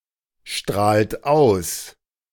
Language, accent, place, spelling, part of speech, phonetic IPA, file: German, Germany, Berlin, strahlt aus, verb, [ˌʃtʁaːlt ˈaʊ̯s], De-strahlt aus.ogg
- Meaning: inflection of ausstrahlen: 1. second-person plural present 2. third-person singular present 3. plural imperative